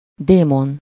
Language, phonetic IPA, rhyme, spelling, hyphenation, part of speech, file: Hungarian, [ˈdeːmon], -on, démon, dé‧mon, noun, Hu-démon.ogg
- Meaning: 1. demon, fiend (evil spirit) 2. vamp, siren (seductive woman)